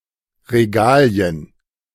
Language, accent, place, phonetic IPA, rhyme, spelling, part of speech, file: German, Germany, Berlin, [ʁeˈɡaːli̯ən], -aːli̯ən, Regalien, noun, De-Regalien.ogg
- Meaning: plural of Regal